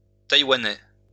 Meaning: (adjective) Taiwanese (from Taiwan); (noun) Taiwanese (language)
- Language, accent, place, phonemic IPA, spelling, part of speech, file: French, France, Lyon, /taj.wa.nɛ/, taïwanais, adjective / noun, LL-Q150 (fra)-taïwanais.wav